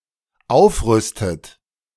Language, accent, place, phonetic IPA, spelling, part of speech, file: German, Germany, Berlin, [ˈaʊ̯fˌʁʏstət], aufrüstet, verb, De-aufrüstet.ogg
- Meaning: inflection of aufrüsten: 1. third-person singular dependent present 2. second-person plural dependent present 3. second-person plural dependent subjunctive I